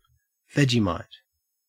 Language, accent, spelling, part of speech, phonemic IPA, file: English, Australia, Vegemite, proper noun, /ˈve.d͡ʒiː.mɑɪt/, En-au-Vegemite.ogg
- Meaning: An Australian food paste made from brewer's yeast